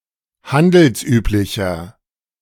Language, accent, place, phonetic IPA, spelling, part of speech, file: German, Germany, Berlin, [ˈhandl̩sˌʔyːplɪçɐ], handelsüblicher, adjective, De-handelsüblicher.ogg
- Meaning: inflection of handelsüblich: 1. strong/mixed nominative masculine singular 2. strong genitive/dative feminine singular 3. strong genitive plural